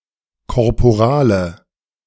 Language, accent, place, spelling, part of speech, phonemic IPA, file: German, Germany, Berlin, Korporale, noun, /kɔʁpoˈʁaːlə/, De-Korporale.ogg
- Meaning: corporal (white linen cloth on which the elements of the Eucharist are placed)